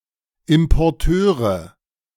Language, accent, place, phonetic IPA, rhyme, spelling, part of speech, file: German, Germany, Berlin, [ɪmpɔʁˈtøːʁə], -øːʁə, Importeure, noun, De-Importeure.ogg
- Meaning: nominative/accusative/genitive plural of Importeur